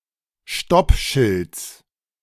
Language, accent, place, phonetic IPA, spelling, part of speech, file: German, Germany, Berlin, [ˈʃtɔpˌʃɪlt͡s], Stoppschilds, noun, De-Stoppschilds.ogg
- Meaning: genitive singular of Stoppschild